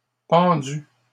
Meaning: masculine plural of pendu
- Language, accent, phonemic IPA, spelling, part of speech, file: French, Canada, /pɑ̃.dy/, pendus, verb, LL-Q150 (fra)-pendus.wav